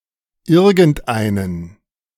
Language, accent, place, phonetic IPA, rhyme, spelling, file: German, Germany, Berlin, [ˈɪʁɡn̩tˈʔaɪ̯nən], -aɪ̯nən, irgendeinen, De-irgendeinen.ogg
- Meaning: masculine accusative singular of irgendein